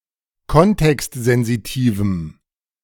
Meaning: strong dative masculine/neuter singular of kontextsensitiv
- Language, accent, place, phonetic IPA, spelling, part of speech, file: German, Germany, Berlin, [ˈkɔntɛkstzɛnziˌtiːvm̩], kontextsensitivem, adjective, De-kontextsensitivem.ogg